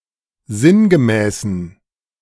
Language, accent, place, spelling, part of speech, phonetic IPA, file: German, Germany, Berlin, sinngemäßen, adjective, [ˈzɪnɡəˌmɛːsn̩], De-sinngemäßen.ogg
- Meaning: inflection of sinngemäß: 1. strong genitive masculine/neuter singular 2. weak/mixed genitive/dative all-gender singular 3. strong/weak/mixed accusative masculine singular 4. strong dative plural